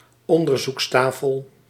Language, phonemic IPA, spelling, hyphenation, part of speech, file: Dutch, /ˈɔn.dər.zuksˌtaː.fəl/, onderzoekstafel, on‧der‧zoeks‧ta‧fel, noun, Nl-onderzoekstafel.ogg
- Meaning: examination table